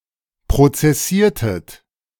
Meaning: inflection of prozessieren: 1. second-person plural preterite 2. second-person plural subjunctive II
- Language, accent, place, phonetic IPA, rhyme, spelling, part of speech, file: German, Germany, Berlin, [pʁot͡sɛˈsiːɐ̯tət], -iːɐ̯tət, prozessiertet, verb, De-prozessiertet.ogg